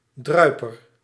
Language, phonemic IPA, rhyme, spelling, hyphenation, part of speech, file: Dutch, /ˈdrœy̯.pər/, -œy̯pər, druiper, drui‧per, noun, Nl-druiper.ogg
- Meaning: 1. one who drips 2. a falling drop of liquid or its dried-up result 3. the clap, gonorrhoea